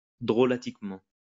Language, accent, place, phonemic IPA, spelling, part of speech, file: French, France, Lyon, /dʁɔ.la.tik.mɑ̃/, drolatiquement, adverb, LL-Q150 (fra)-drolatiquement.wav
- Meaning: humorously